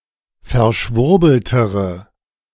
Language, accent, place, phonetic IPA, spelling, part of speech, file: German, Germany, Berlin, [fɛɐ̯ˈʃvʊʁbl̩təʁə], verschwurbeltere, adjective, De-verschwurbeltere.ogg
- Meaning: inflection of verschwurbelt: 1. strong/mixed nominative/accusative feminine singular comparative degree 2. strong nominative/accusative plural comparative degree